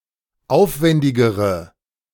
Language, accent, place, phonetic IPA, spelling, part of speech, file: German, Germany, Berlin, [ˈaʊ̯fˌvɛndɪɡəʁə], aufwändigere, adjective, De-aufwändigere.ogg
- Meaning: inflection of aufwändig: 1. strong/mixed nominative/accusative feminine singular comparative degree 2. strong nominative/accusative plural comparative degree